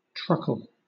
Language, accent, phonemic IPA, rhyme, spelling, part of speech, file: English, Southern England, /ˈtɹʌkəl/, -ʌkəl, truckle, noun / verb, LL-Q1860 (eng)-truckle.wav
- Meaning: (noun) 1. A small wheel; a caster or pulley 2. A small wheel of cheese 3. Ellipsis of truckle bed; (verb) 1. To roll or move upon truckles, or casters; to trundle 2. To sleep in a truckle bed